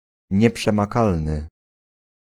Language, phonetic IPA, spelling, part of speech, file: Polish, [ˌɲɛpʃɛ̃maˈkalnɨ], nieprzemakalny, adjective, Pl-nieprzemakalny.ogg